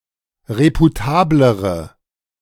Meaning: inflection of reputabel: 1. strong/mixed nominative/accusative feminine singular comparative degree 2. strong nominative/accusative plural comparative degree
- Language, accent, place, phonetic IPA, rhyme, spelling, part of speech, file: German, Germany, Berlin, [ˌʁepuˈtaːbləʁə], -aːbləʁə, reputablere, adjective, De-reputablere.ogg